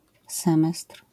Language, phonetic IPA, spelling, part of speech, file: Polish, [ˈsɛ̃mɛstr̥], semestr, noun, LL-Q809 (pol)-semestr.wav